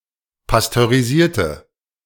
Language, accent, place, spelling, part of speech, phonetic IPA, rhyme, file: German, Germany, Berlin, pasteurisierte, adjective / verb, [pastøʁiˈziːɐ̯tə], -iːɐ̯tə, De-pasteurisierte.ogg
- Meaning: inflection of pasteurisieren: 1. first/third-person singular preterite 2. first/third-person singular subjunctive II